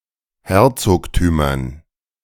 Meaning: dative plural of Herzogtum
- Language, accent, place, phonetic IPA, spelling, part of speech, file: German, Germany, Berlin, [ˈhɛʁt͡soːktyːmɐn], Herzogtümern, noun, De-Herzogtümern.ogg